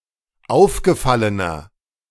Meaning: inflection of aufgefallen: 1. strong/mixed nominative masculine singular 2. strong genitive/dative feminine singular 3. strong genitive plural
- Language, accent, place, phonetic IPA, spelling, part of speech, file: German, Germany, Berlin, [ˈaʊ̯fɡəˌfalənɐ], aufgefallener, adjective, De-aufgefallener.ogg